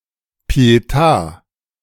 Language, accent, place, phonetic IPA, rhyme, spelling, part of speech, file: German, Germany, Berlin, [pi̯eˈta], -a, Pietà, noun, De-Pietà.ogg
- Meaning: pietà (sculpture or painting of the Virgin Mary holding and mourning the dead body of Jesus)